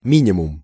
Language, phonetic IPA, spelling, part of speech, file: Russian, [ˈmʲinʲɪmʊm], минимум, noun, Ru-минимум.ogg
- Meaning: minimum